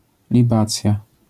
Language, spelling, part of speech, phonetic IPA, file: Polish, libacja, noun, [lʲiˈbat͡sʲja], LL-Q809 (pol)-libacja.wav